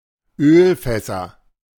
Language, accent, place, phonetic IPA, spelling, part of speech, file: German, Germany, Berlin, [ˈøːlˌfɛsɐ], Ölfässer, noun, De-Ölfässer.ogg
- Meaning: plural of Ölfass